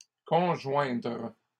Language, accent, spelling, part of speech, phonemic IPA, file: French, Canada, conjoindre, verb, /kɔ̃.ʒwɛ̃dʁ/, LL-Q150 (fra)-conjoindre.wav
- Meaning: to conjoin